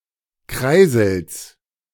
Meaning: genitive singular of Kreisel
- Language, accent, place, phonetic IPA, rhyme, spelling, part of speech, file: German, Germany, Berlin, [ˈkʁaɪ̯zl̩s], -aɪ̯zl̩s, Kreisels, noun, De-Kreisels.ogg